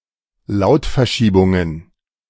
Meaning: plural of Lautverschiebung
- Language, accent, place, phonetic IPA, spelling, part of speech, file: German, Germany, Berlin, [ˈlaʊ̯tfɛɐ̯ˌʃiːbʊŋən], Lautverschiebungen, noun, De-Lautverschiebungen.ogg